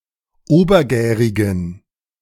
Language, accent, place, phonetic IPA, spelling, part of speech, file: German, Germany, Berlin, [ˈoːbɐˌɡɛːʁɪɡn̩], obergärigen, adjective, De-obergärigen.ogg
- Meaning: inflection of obergärig: 1. strong genitive masculine/neuter singular 2. weak/mixed genitive/dative all-gender singular 3. strong/weak/mixed accusative masculine singular 4. strong dative plural